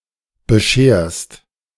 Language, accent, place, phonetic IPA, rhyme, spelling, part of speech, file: German, Germany, Berlin, [bəˈʃeːɐ̯st], -eːɐ̯st, bescherst, verb, De-bescherst.ogg
- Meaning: second-person singular present of bescheren